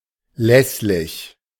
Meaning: 1. venial, pardonable 2. insignificant
- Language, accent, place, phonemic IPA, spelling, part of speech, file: German, Germany, Berlin, /ˈlɛslɪç/, lässlich, adjective, De-lässlich.ogg